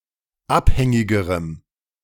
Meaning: strong dative masculine/neuter singular comparative degree of abhängig
- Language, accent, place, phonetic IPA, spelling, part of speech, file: German, Germany, Berlin, [ˈapˌhɛŋɪɡəʁəm], abhängigerem, adjective, De-abhängigerem.ogg